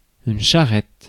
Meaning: 1. charette (small two-wheeled cart) 2. period of intense work (to meet a deadline)
- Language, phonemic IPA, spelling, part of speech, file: French, /ʃa.ʁɛt/, charrette, noun, Fr-charrette.ogg